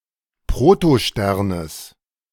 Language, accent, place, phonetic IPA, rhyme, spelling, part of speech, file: German, Germany, Berlin, [pʁotoˈʃtɛʁnəs], -ɛʁnəs, Protosternes, noun, De-Protosternes.ogg
- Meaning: genitive singular of Protostern